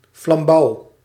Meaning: 1. an ornamental torch or lantern on a stick, used in rituals 2. a regular torch or candle
- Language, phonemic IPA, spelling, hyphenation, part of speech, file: Dutch, /flɑmˈbɑu̯/, flambouw, flam‧bouw, noun, Nl-flambouw.ogg